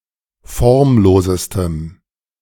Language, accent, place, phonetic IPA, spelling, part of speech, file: German, Germany, Berlin, [ˈfɔʁmˌloːzəstəm], formlosestem, adjective, De-formlosestem.ogg
- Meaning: strong dative masculine/neuter singular superlative degree of formlos